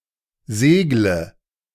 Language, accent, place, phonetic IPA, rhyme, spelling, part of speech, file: German, Germany, Berlin, [ˈzeːɡlə], -eːɡlə, segle, verb, De-segle.ogg
- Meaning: inflection of segeln: 1. first-person singular present 2. singular imperative 3. first/third-person singular subjunctive I